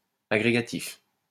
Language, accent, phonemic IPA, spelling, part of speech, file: French, France, /a.ɡʁe.ɡa.tif/, agrégatif, adjective, LL-Q150 (fra)-agrégatif.wav
- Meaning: aggregative